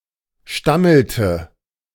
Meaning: inflection of stammeln: 1. first/third-person singular preterite 2. first/third-person singular subjunctive II
- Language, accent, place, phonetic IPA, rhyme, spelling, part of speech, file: German, Germany, Berlin, [ˈʃtaml̩tə], -aml̩tə, stammelte, verb, De-stammelte.ogg